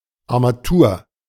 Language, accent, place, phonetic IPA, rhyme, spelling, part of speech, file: German, Germany, Berlin, [a(ʁ)maˈtuːɐ̯], -uːɐ̯, Armatur, noun, De-Armatur.ogg
- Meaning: 1. A fixture or controlling apparatus, a faucet, valve or tap, most prominently of a washbasin or sink 2. A mechanical part being of an auxiliary nature 3. The supporting framework of a sculpture